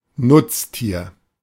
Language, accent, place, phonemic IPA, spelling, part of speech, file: German, Germany, Berlin, /ˈnʊtstiːɐ̯/, Nutztier, noun, De-Nutztier.ogg
- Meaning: 1. livestock; domesticated animals in general 2. farm animals; domesticated animals that are mainly found on a farm